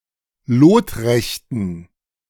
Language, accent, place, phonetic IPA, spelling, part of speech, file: German, Germany, Berlin, [ˈloːtˌʁɛçtn̩], lotrechten, adjective, De-lotrechten.ogg
- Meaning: inflection of lotrecht: 1. strong genitive masculine/neuter singular 2. weak/mixed genitive/dative all-gender singular 3. strong/weak/mixed accusative masculine singular 4. strong dative plural